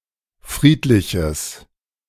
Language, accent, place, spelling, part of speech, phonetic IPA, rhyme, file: German, Germany, Berlin, friedliches, adjective, [ˈfʁiːtlɪçəs], -iːtlɪçəs, De-friedliches.ogg
- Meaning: strong/mixed nominative/accusative neuter singular of friedlich